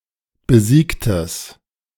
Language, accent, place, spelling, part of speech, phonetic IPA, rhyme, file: German, Germany, Berlin, besiegtes, adjective, [bəˈziːktəs], -iːktəs, De-besiegtes.ogg
- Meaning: strong/mixed nominative/accusative neuter singular of besiegt